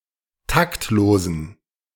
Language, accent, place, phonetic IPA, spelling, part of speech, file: German, Germany, Berlin, [ˈtaktˌloːzn̩], taktlosen, adjective, De-taktlosen.ogg
- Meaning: inflection of taktlos: 1. strong genitive masculine/neuter singular 2. weak/mixed genitive/dative all-gender singular 3. strong/weak/mixed accusative masculine singular 4. strong dative plural